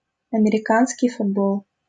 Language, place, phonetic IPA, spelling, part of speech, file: Russian, Saint Petersburg, [ɐmʲɪrʲɪˈkanskʲɪj fʊdˈboɫ], американский футбол, noun, LL-Q7737 (rus)-американский футбол.wav
- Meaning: American football